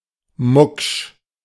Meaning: annoyed, moody
- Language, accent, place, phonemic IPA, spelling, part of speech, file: German, Germany, Berlin, /mʊkʃ/, mucksch, adjective, De-mucksch.ogg